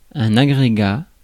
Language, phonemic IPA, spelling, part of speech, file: French, /a.ɡʁe.ɡa/, agrégat, noun, Fr-agrégat.ogg
- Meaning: aggregate